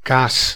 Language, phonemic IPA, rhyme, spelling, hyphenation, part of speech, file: Dutch, /kaːs/, -aːs, kaas, kaas, noun, Nl-kaas.ogg
- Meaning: cheese